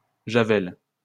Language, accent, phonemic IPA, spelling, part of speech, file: French, France, /ʒa.vɛl/, javelle, noun, LL-Q150 (fra)-javelle.wav
- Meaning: bundle, gavel (of corn); swathe